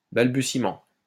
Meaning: stammering; stammer
- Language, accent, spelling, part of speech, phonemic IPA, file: French, France, balbutiement, noun, /bal.by.si.mɑ̃/, LL-Q150 (fra)-balbutiement.wav